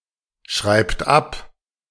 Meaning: inflection of abschreiben: 1. third-person singular present 2. second-person plural present 3. plural imperative
- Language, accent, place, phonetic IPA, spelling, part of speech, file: German, Germany, Berlin, [ˌʃʁaɪ̯pt ˈap], schreibt ab, verb, De-schreibt ab.ogg